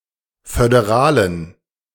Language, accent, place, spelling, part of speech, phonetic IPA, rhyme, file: German, Germany, Berlin, föderalen, adjective, [fødeˈʁaːlən], -aːlən, De-föderalen.ogg
- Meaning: inflection of föderal: 1. strong genitive masculine/neuter singular 2. weak/mixed genitive/dative all-gender singular 3. strong/weak/mixed accusative masculine singular 4. strong dative plural